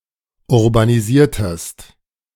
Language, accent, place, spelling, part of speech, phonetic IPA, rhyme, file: German, Germany, Berlin, urbanisiertest, verb, [ʊʁbaniˈziːɐ̯təst], -iːɐ̯təst, De-urbanisiertest.ogg
- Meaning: inflection of urbanisieren: 1. second-person singular preterite 2. second-person singular subjunctive II